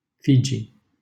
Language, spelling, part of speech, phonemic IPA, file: Romanian, Fiji, proper noun, /ˈfi.d͡ʒi/, LL-Q7913 (ron)-Fiji.wav
- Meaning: Fiji (a country and archipelago of over 300 islands in Melanesia in Oceania)